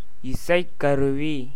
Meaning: musical instrument
- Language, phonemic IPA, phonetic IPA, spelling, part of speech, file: Tamil, /ɪtʃɐɪ̯kːɐɾʊʋiː/, [ɪsɐɪ̯kːɐɾʊʋiː], இசைக்கருவி, noun, Ta-இசைக்கருவி.ogg